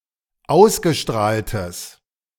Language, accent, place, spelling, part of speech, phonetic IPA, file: German, Germany, Berlin, ausgestrahltes, adjective, [ˈaʊ̯sɡəˌʃtʁaːltəs], De-ausgestrahltes.ogg
- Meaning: strong/mixed nominative/accusative neuter singular of ausgestrahlt